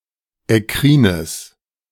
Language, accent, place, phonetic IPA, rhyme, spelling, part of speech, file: German, Germany, Berlin, [ɛˈkʁiːnəs], -iːnəs, ekkrines, adjective, De-ekkrines.ogg
- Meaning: strong/mixed nominative/accusative neuter singular of ekkrin